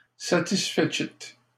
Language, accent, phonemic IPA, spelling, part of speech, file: French, Canada, /sa.tis.fe.sit/, satisfecit, noun, LL-Q150 (fra)-satisfecit.wav
- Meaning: 1. certificate of satisfaction 2. statement that one is satisfied with something; nod of approval, blessing